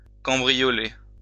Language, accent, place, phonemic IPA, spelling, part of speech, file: French, France, Lyon, /kɑ̃.bʁi.jɔ.le/, cambrioler, verb, LL-Q150 (fra)-cambrioler.wav
- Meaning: to burgle (UK), burglarize (US)